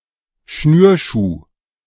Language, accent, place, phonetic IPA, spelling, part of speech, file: German, Germany, Berlin, [ˈʃnyːɐ̯ˌʃuː], Schnürschuh, noun, De-Schnürschuh.ogg
- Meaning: lace-up shoe